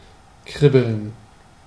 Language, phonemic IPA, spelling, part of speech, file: German, /ˈkʁɪbəln/, kribbeln, verb, De-kribbeln.ogg
- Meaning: 1. to prickle; to tickle 2. to run about busily; to be restless; to sit down and stand up often 3. to sparkle